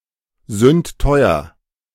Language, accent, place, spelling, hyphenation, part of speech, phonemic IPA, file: German, Germany, Berlin, sündteuer, sünd‧teu‧er, adjective, /ˌzʏntˈtɔɪ̯ɐ/, De-sündteuer.ogg
- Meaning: very expensive